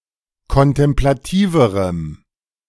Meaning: strong dative masculine/neuter singular comparative degree of kontemplativ
- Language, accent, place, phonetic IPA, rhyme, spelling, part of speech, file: German, Germany, Berlin, [kɔntɛmplaˈtiːvəʁəm], -iːvəʁəm, kontemplativerem, adjective, De-kontemplativerem.ogg